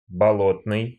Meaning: 1. bog, marsh, swamp 2. khaki, cossack green, hemp (color/colour) 3. hazel (mix of brown, green, and gold shades)
- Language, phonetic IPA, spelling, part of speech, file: Russian, [bɐˈɫotnɨj], болотный, adjective, Ru-болотный.ogg